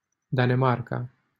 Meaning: Denmark (a country in Northern Europe)
- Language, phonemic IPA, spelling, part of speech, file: Romanian, /da.neˈmar.ka/, Danemarca, proper noun, LL-Q7913 (ron)-Danemarca.wav